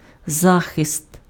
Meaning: 1. protection, aegis 2. defense 3. shelter, cover, refuge
- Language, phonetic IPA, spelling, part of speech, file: Ukrainian, [ˈzaxest], захист, noun, Uk-захист.ogg